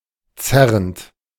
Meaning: present participle of zerren
- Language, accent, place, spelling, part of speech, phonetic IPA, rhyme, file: German, Germany, Berlin, zerrend, verb, [ˈt͡sɛʁənt], -ɛʁənt, De-zerrend.ogg